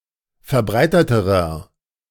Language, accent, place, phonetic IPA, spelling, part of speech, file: German, Germany, Berlin, [fɛɐ̯ˈbʁaɪ̯tətəʁɐ], verbreiteterer, adjective, De-verbreiteterer.ogg
- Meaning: inflection of verbreitet: 1. strong/mixed nominative masculine singular comparative degree 2. strong genitive/dative feminine singular comparative degree 3. strong genitive plural comparative degree